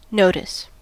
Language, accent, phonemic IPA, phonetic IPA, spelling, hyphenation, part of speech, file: English, US, /ˈnoʊ.tɪs/, [ˈnoʊ.ɾɪs], notice, no‧tice, noun / verb, En-us-notice.ogg
- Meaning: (noun) 1. The act of observing; perception 2. A written or printed announcement 3. A formal notification or warning